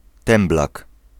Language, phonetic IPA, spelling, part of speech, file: Polish, [ˈtɛ̃mblak], temblak, noun, Pl-temblak.ogg